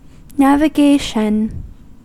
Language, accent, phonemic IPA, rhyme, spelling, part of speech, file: English, US, /nævɪˈɡeɪʃən/, -eɪʃən, navigation, noun, En-us-navigation.ogg
- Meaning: 1. The theory, practice and technology of charting a course for a road vehicle, ship, aircraft, or spaceship 2. Traffic or travel by vessel, especially commercial shipping